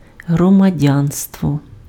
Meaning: citizenship
- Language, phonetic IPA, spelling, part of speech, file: Ukrainian, [ɦrɔmɐˈdʲanstwɔ], громадянство, noun, Uk-громадянство.ogg